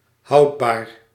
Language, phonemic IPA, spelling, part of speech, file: Dutch, /ˈhɑudbar/, houdbaar, adjective, Nl-houdbaar.ogg
- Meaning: 1. preservable 2. tenable